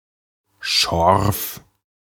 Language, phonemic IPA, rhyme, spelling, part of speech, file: German, /ʃɔʁf/, -ɔʁf, Schorf, noun, De-Schorf.ogg
- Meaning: 1. scab (incrustation over a wound) 2. various kinds of scab-like skin diseases or conditions, such as scabies, scurf, dandruff 3. scab